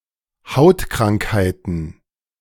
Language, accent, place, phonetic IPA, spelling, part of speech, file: German, Germany, Berlin, [ˈhaʊ̯tˌkʁaŋkhaɪ̯tn̩], Hautkrankheiten, noun, De-Hautkrankheiten.ogg
- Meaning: plural of Hautkrankheit